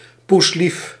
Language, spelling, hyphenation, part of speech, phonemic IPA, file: Dutch, poeslief, poes‧lief, adjective, /pusˈlif/, Nl-poeslief.ogg
- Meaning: 1. very friendly, nice or sweet 2. acting very nicely, but insincerely